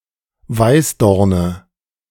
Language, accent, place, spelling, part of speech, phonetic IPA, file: German, Germany, Berlin, Weißdorne, noun, [ˈvaɪ̯sˌdɔʁnə], De-Weißdorne.ogg
- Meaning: nominative/accusative/genitive plural of Weißdorn